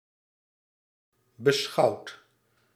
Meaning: past participle of beschouwen
- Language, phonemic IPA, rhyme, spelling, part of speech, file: Dutch, /bə.ˈsxɑu̯t/, -ɑu̯t, beschouwd, verb, Nl-beschouwd.ogg